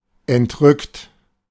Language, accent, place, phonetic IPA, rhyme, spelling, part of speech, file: German, Germany, Berlin, [ɛntˈʁʏkt], -ʏkt, entrückt, adjective / verb, De-entrückt.ogg
- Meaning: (verb) past participle of entrücken; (adjective) 1. transported, enraptured 2. lost in thought; absentminded, meditating